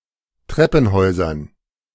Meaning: dative plural of Treppenhaus
- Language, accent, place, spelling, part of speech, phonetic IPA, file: German, Germany, Berlin, Treppenhäusern, noun, [ˈtʁɛpn̩ˌhɔɪ̯zɐn], De-Treppenhäusern.ogg